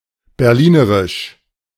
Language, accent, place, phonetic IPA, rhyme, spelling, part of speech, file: German, Germany, Berlin, [bɛʁˈliːnəʁɪʃ], -iːnəʁɪʃ, berlinerisch, adjective, De-berlinerisch.ogg
- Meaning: of Berlin